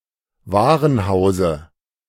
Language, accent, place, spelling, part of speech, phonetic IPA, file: German, Germany, Berlin, Warenhause, noun, [ˈvaːʁənˌhaʊ̯zə], De-Warenhause.ogg
- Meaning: dative of Warenhaus